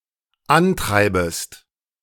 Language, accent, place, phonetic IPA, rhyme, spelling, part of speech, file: German, Germany, Berlin, [ˈanˌtʁaɪ̯bəst], -antʁaɪ̯bəst, antreibest, verb, De-antreibest.ogg
- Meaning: second-person singular dependent subjunctive I of antreiben